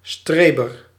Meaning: a person who studies hard or makes a great effort in another way, generally seen as trying too hard; a try-hard, a nerd
- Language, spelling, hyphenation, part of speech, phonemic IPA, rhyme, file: Dutch, streber, stre‧ber, noun, /ˈstreː.bər/, -eːbər, Nl-streber.ogg